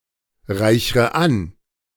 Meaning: inflection of anreichern: 1. first-person singular present 2. first/third-person singular subjunctive I 3. singular imperative
- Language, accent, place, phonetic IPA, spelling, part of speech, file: German, Germany, Berlin, [ˌʁaɪ̯çʁə ˈan], reichre an, verb, De-reichre an.ogg